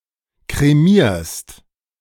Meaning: second-person singular present of kremieren
- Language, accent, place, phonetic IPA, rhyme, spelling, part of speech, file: German, Germany, Berlin, [kʁeˈmiːɐ̯st], -iːɐ̯st, kremierst, verb, De-kremierst.ogg